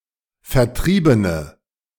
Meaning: inflection of vertrieben: 1. strong/mixed nominative/accusative feminine singular 2. strong nominative/accusative plural 3. weak nominative all-gender singular
- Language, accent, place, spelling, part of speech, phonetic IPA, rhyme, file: German, Germany, Berlin, vertriebene, adjective, [fɛɐ̯ˈtʁiːbənə], -iːbənə, De-vertriebene.ogg